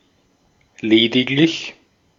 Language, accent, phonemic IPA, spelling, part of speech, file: German, Austria, /ˈleːdɪklɪç/, lediglich, adverb, De-at-lediglich.ogg
- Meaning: merely